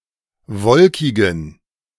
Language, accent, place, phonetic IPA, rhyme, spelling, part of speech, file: German, Germany, Berlin, [ˈvɔlkɪɡn̩], -ɔlkɪɡn̩, wolkigen, adjective, De-wolkigen.ogg
- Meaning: inflection of wolkig: 1. strong genitive masculine/neuter singular 2. weak/mixed genitive/dative all-gender singular 3. strong/weak/mixed accusative masculine singular 4. strong dative plural